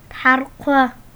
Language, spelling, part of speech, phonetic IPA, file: Adyghe, тхьаркъо, noun, [tħaːrqʷa], Tħaːrqʷa.ogg
- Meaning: 1. pigeon 2. dove